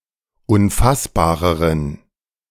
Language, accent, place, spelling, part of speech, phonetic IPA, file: German, Germany, Berlin, unfassbareren, adjective, [ʊnˈfasbaːʁəʁən], De-unfassbareren.ogg
- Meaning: inflection of unfassbar: 1. strong genitive masculine/neuter singular comparative degree 2. weak/mixed genitive/dative all-gender singular comparative degree